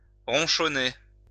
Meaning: to grumble, grouse
- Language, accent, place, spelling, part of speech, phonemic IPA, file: French, France, Lyon, ronchonner, verb, /ʁɔ̃.ʃɔ.ne/, LL-Q150 (fra)-ronchonner.wav